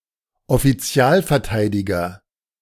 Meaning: public defender (court-appointed attorney for the defense)
- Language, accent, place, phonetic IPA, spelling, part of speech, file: German, Germany, Berlin, [ɔfiˈt͡si̯aːlfɛɐ̯ˌtaɪ̯dɪɡɐ], Offizialverteidiger, noun, De-Offizialverteidiger.ogg